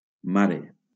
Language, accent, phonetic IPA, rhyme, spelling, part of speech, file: Catalan, Valencia, [ˈma.ɾe], -aɾe, mare, noun, LL-Q7026 (cat)-mare.wav
- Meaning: 1. mother 2. uterus (of an animal) 3. main course of a river or canal; channel 4. home